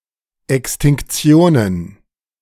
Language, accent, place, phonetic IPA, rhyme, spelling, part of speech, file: German, Germany, Berlin, [ɛkstɪŋkˈt͡si̯oːnən], -oːnən, Extinktionen, noun, De-Extinktionen.ogg
- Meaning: plural of Extinktion